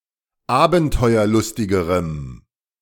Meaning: strong dative masculine/neuter singular comparative degree of abenteuerlustig
- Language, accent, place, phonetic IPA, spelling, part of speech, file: German, Germany, Berlin, [ˈaːbn̩tɔɪ̯ɐˌlʊstɪɡəʁəm], abenteuerlustigerem, adjective, De-abenteuerlustigerem.ogg